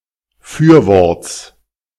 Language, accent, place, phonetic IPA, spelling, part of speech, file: German, Germany, Berlin, [ˈfyːɐ̯ˌvɔʁt͡s], Fürworts, noun, De-Fürworts.ogg
- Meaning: genitive singular of Fürwort